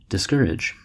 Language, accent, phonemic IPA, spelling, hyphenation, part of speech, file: English, US, /dɪsˈkɝɪd͡ʒ/, discourage, dis‧cour‧age, verb / noun, En-us-discourage.ogg
- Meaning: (verb) 1. To extinguish the courage of; to dishearten; to depress the spirits of; to deprive of confidence; to deject 2. To persuade somebody not to do (something); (noun) Lack of courage